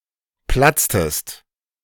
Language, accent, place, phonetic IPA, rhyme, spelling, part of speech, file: German, Germany, Berlin, [ˈplat͡stəst], -at͡stəst, platztest, verb, De-platztest.ogg
- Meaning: inflection of platzen: 1. second-person singular preterite 2. second-person singular subjunctive II